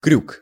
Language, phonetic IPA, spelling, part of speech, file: Russian, [krʲuk], крюк, noun, Ru-крюк.ogg
- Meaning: 1. hook 2. detour